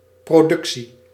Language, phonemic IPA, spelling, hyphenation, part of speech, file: Dutch, /ˌproːˈdʏk.si/, productie, pro‧duc‧tie, noun, Nl-productie.ogg
- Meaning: 1. production (act or process of producing) 2. production (that which is produced) 3. production of evidence (disclosing or showing)